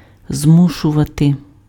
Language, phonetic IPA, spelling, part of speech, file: Ukrainian, [ˈzmuʃʊʋɐte], змушувати, verb, Uk-змушувати.ogg
- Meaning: to force, to coerce, to compel